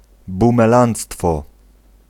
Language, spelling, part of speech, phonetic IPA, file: Polish, bumelanctwo, noun, [ˌbũmɛˈlãnt͡stfɔ], Pl-bumelanctwo.ogg